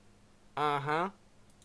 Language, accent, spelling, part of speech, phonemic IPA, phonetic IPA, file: English, Canada, uh-huh, particle, /ʌˈhʌ/, [ʌ˨ˈɦʌ˩˧], En-ca-uh-huh.ogg
- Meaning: Yes; yeah